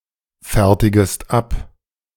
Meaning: second-person singular subjunctive I of abfertigen
- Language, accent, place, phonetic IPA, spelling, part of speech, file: German, Germany, Berlin, [ˌfɛʁtɪɡəst ˈap], fertigest ab, verb, De-fertigest ab.ogg